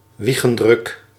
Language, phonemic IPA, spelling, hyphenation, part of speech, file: Dutch, /ˈʋi.ɣə(n)ˌdrʏk/, wiegendruk, wie‧gen‧druk, noun, Nl-wiegendruk.ogg
- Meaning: incunable